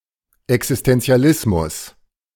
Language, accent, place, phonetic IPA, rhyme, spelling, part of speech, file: German, Germany, Berlin, [ɛksɪstɛnt͡si̯aˈlɪsmʊs], -ɪsmʊs, Existentialismus, noun, De-Existentialismus.ogg
- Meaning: existentialism